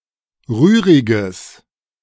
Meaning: strong/mixed nominative/accusative neuter singular of rührig
- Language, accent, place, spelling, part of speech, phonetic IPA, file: German, Germany, Berlin, rühriges, adjective, [ˈʁyːʁɪɡəs], De-rühriges.ogg